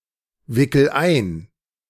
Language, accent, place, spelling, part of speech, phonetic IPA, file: German, Germany, Berlin, wickel ein, verb, [ˌvɪkl̩ ˈaɪ̯n], De-wickel ein.ogg
- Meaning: inflection of einwickeln: 1. first-person singular present 2. singular imperative